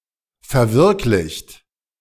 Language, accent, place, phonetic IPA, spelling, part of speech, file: German, Germany, Berlin, [fɛɐ̯ˈvɪʁklɪçt], verwirklicht, verb, De-verwirklicht.ogg
- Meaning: 1. past participle of verwirklichen 2. inflection of verwirklichen: second-person plural present 3. inflection of verwirklichen: third-person singular present